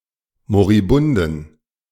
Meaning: inflection of moribund: 1. strong genitive masculine/neuter singular 2. weak/mixed genitive/dative all-gender singular 3. strong/weak/mixed accusative masculine singular 4. strong dative plural
- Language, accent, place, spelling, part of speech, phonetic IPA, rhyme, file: German, Germany, Berlin, moribunden, adjective, [moʁiˈbʊndn̩], -ʊndn̩, De-moribunden.ogg